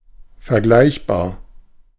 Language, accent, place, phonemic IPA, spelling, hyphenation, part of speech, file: German, Germany, Berlin, /fɛɐ̯ˈɡlaɪ̯çbaːɐ̯/, vergleichbar, ver‧gleich‧bar, adjective / adverb, De-vergleichbar.ogg
- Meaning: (adjective) comparable; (adverb) Akin to; in comparison with